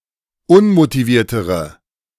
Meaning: inflection of unmotiviert: 1. strong/mixed nominative/accusative feminine singular comparative degree 2. strong nominative/accusative plural comparative degree
- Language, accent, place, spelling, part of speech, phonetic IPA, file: German, Germany, Berlin, unmotiviertere, adjective, [ˈʊnmotiˌviːɐ̯təʁə], De-unmotiviertere.ogg